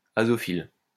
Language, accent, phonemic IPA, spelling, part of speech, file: French, France, /a.zɔ.fil/, azophile, adjective, LL-Q150 (fra)-azophile.wav
- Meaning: azophilic, azaphilic